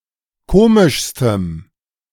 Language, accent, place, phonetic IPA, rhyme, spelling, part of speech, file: German, Germany, Berlin, [ˈkoːmɪʃstəm], -oːmɪʃstəm, komischstem, adjective, De-komischstem.ogg
- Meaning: strong dative masculine/neuter singular superlative degree of komisch